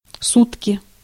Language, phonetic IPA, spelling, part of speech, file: Russian, [ˈsutkʲɪ], сутки, noun, Ru-сутки.ogg
- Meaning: 24 hours (of the clock), day, day and night, nychthemeron